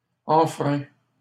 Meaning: inflection of enfreindre: 1. first/second-person singular present indicative 2. second-person singular imperative
- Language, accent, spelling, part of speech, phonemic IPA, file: French, Canada, enfreins, verb, /ɑ̃.fʁɛ̃/, LL-Q150 (fra)-enfreins.wav